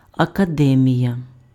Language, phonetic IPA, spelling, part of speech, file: Ukrainian, [ɐkɐˈdɛmʲijɐ], академія, noun, Uk-академія.ogg
- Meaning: academy